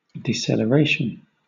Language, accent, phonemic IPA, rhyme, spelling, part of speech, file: English, Southern England, /diːsɛləˈɹeɪʃən/, -eɪʃən, deceleration, noun, LL-Q1860 (eng)-deceleration.wav
- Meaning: 1. The act or process of decelerating 2. The amount by which a speed or velocity decreases (and so a scalar quantity or a vector quantity), an acceleration having a negative numerical value